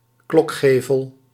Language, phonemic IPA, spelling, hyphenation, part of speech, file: Dutch, /ˈklɔkˌxeː.vəl/, klokgevel, klok‧ge‧vel, noun, Nl-klokgevel.ogg
- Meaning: clock gable